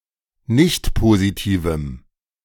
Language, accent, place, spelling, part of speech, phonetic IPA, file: German, Germany, Berlin, nichtpositivem, adjective, [ˈnɪçtpoziˌtiːvm̩], De-nichtpositivem.ogg
- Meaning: strong dative masculine/neuter singular of nichtpositiv